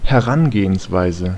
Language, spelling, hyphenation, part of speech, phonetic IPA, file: German, Herangehensweise, Her‧an‧ge‧hens‧wei‧se, noun, [hɛˈʁanɡeːənsˌvaɪ̯zə], De-Herangehensweise.ogg
- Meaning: approach (to a situation)